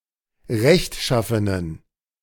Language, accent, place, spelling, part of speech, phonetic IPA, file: German, Germany, Berlin, rechtschaffenen, adjective, [ˈʁɛçtˌʃafənən], De-rechtschaffenen.ogg
- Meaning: inflection of rechtschaffen: 1. strong genitive masculine/neuter singular 2. weak/mixed genitive/dative all-gender singular 3. strong/weak/mixed accusative masculine singular 4. strong dative plural